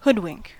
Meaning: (verb) 1. To cover the eyes with, or as if with, a hood; to blindfold 2. To deceive using a disguise; to beguile, dupe, mislead 3. To hide or obscure 4. To close the eyes
- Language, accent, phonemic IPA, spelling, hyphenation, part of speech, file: English, General American, /ˈhʊdˌwɪŋk/, hoodwink, hood‧wink, verb / noun, En-us-hoodwink.ogg